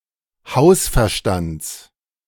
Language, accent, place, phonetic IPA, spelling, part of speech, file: German, Germany, Berlin, [ˈhaʊ̯sfɛɐ̯ˌʃtant͡s], Hausverstands, noun, De-Hausverstands.ogg
- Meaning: genitive singular of Hausverstand